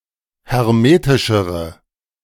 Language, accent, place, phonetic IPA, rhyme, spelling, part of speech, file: German, Germany, Berlin, [hɛʁˈmeːtɪʃəʁə], -eːtɪʃəʁə, hermetischere, adjective, De-hermetischere.ogg
- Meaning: inflection of hermetisch: 1. strong/mixed nominative/accusative feminine singular comparative degree 2. strong nominative/accusative plural comparative degree